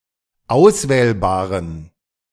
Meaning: inflection of auswählbar: 1. strong genitive masculine/neuter singular 2. weak/mixed genitive/dative all-gender singular 3. strong/weak/mixed accusative masculine singular 4. strong dative plural
- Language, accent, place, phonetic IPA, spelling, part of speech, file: German, Germany, Berlin, [ˈaʊ̯sˌvɛːlbaːʁən], auswählbaren, adjective, De-auswählbaren.ogg